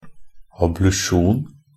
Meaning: ablution (the rinsing of the priest's hand and the sacred vessel following the Communion)
- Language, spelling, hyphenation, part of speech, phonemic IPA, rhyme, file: Norwegian Bokmål, ablusjon, ab‧lu‧sjon, noun, /ablʉˈʃuːn/, -uːn, NB - Pronunciation of Norwegian Bokmål «ablusjon».ogg